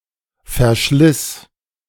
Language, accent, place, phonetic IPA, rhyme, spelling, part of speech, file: German, Germany, Berlin, [fɛɐ̯ˈʃlɪs], -ɪs, verschliss, verb, De-verschliss.ogg
- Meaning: first/third-person singular preterite of verschleißen